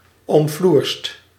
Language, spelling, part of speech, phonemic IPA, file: Dutch, omfloerst, adjective / verb, /ɔmˈflurst/, Nl-omfloerst.ogg
- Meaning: 1. inflection of omfloersen: second/third-person singular present indicative 2. inflection of omfloersen: plural imperative 3. past participle of omfloersen